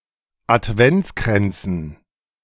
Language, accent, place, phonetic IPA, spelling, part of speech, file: German, Germany, Berlin, [atˈvɛnt͡skʁɛnt͡sn̩], Adventskränzen, noun, De-Adventskränzen.ogg
- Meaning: dative plural of Adventskranz